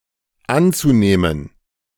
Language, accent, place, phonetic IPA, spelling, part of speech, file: German, Germany, Berlin, [ˈant͡suˌneːmən], anzunehmen, verb, De-anzunehmen.ogg
- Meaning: zu-infinitive of annehmen